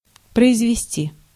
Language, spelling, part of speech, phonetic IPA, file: Russian, произвести, verb, [prəɪzvʲɪˈsʲtʲi], Ru-произвести.ogg
- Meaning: 1. to make, to carry out, to execute, to effect 2. to give birth 3. to produce 4. to promote 5. to cause, to produce, to create